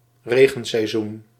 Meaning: wet season
- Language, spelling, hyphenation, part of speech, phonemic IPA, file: Dutch, regenseizoen, re‧gen‧sei‧zoen, noun, /ˈreː.ɣə(n).sɛi̯ˌzun/, Nl-regenseizoen.ogg